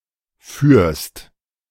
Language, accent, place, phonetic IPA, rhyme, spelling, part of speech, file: German, Germany, Berlin, [fyːɐ̯st], -yːɐ̯st, führst, verb, De-führst.ogg
- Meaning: 1. second-person singular present of führen 2. second-person singular subjunctive II of fahren